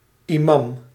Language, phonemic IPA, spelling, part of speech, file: Dutch, /iˈmam/, imam, noun, Nl-imam.ogg
- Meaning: imam